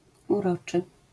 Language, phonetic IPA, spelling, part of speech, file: Polish, [uˈrɔt͡ʃɨ], uroczy, adjective, LL-Q809 (pol)-uroczy.wav